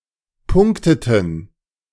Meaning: inflection of punkten: 1. first/third-person plural preterite 2. first/third-person plural subjunctive II
- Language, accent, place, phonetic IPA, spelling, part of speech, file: German, Germany, Berlin, [ˈpʊŋktətn̩], punkteten, verb, De-punkteten.ogg